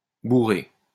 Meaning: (verb) feminine singular of bourré; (noun) 1. bourrée 2. faggot (bundle of sticks); torch
- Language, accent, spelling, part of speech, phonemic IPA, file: French, France, bourrée, verb / adjective / noun, /bu.ʁe/, LL-Q150 (fra)-bourrée.wav